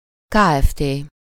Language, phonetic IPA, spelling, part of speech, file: Hungarian, [ˈkaːɛfteː], kft., noun, Hu-kft.ogg
- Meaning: Ltd. (limited liability company)